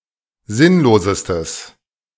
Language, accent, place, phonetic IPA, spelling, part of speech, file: German, Germany, Berlin, [ˈzɪnloːzəstəs], sinnlosestes, adjective, De-sinnlosestes.ogg
- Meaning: strong/mixed nominative/accusative neuter singular superlative degree of sinnlos